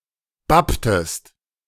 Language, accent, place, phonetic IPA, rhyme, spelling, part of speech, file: German, Germany, Berlin, [ˈbaptəst], -aptəst, bapptest, verb, De-bapptest.ogg
- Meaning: inflection of bappen: 1. second-person singular preterite 2. second-person singular subjunctive II